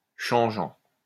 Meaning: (verb) present participle of changer; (adjective) changeable (tending to change suddenly or quickly)
- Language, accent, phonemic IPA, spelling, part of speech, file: French, France, /ʃɑ̃.ʒɑ̃/, changeant, verb / adjective, LL-Q150 (fra)-changeant.wav